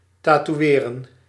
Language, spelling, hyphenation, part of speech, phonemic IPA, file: Dutch, tatoeëren, ta‧toe‧ë‧ren, verb, /tɑtuˈeːrə(n)/, Nl-tatoeëren.ogg
- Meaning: to tattoo (to apply a tattoo)